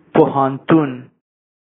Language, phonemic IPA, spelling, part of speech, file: Pashto, /po.hanˈtun/, پوهنتون, noun, Ps-پوهنتون.oga
- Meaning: university